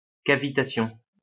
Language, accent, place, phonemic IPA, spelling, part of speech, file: French, France, Lyon, /ka.vi.ta.sjɔ̃/, cavitation, noun, LL-Q150 (fra)-cavitation.wav
- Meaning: the formation of gas bubbles in a fluid in a vacuum